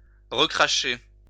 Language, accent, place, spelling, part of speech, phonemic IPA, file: French, France, Lyon, recracher, verb, /ʁə.kʁa.ʃe/, LL-Q150 (fra)-recracher.wav
- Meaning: to spit out